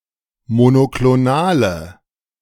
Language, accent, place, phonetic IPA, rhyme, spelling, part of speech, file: German, Germany, Berlin, [monokloˈnaːlə], -aːlə, monoklonale, adjective, De-monoklonale.ogg
- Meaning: inflection of monoklonal: 1. strong/mixed nominative/accusative feminine singular 2. strong nominative/accusative plural 3. weak nominative all-gender singular